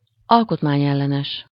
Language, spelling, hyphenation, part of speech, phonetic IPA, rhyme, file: Hungarian, alkotmányellenes, al‧kot‧mány‧el‧le‧nes, adjective, [ˈɒlkotmaːɲɛlːɛnɛʃ], -ɛʃ, Hu-alkotmányellenes.ogg
- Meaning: unconstitutional, anticonstitutional